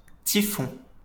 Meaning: tropical cyclone, typhoon (hurricane in the Pacific)
- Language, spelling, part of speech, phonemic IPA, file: French, typhon, noun, /ti.fɔ̃/, LL-Q150 (fra)-typhon.wav